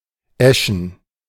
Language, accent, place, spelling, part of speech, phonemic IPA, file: German, Germany, Berlin, eschen, adjective, /ˈɛʃn̩/, De-eschen.ogg
- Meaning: ash (wood)